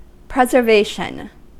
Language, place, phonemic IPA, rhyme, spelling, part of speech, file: English, California, /ˌpɹɛz.ɚˈveɪ.ʃən/, -eɪʃən, preservation, noun, En-us-preservation.ogg
- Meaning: 1. The act of preserving; care to preserve; act of keeping from destruction, decay or any ill 2. The state of being preserved, how something has survived